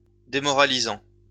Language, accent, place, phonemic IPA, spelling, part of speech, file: French, France, Lyon, /de.mɔ.ʁa.li.zɑ̃/, démoralisant, verb / adjective, LL-Q150 (fra)-démoralisant.wav
- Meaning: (verb) present participle of démoraliser; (adjective) demoralizing, disheartening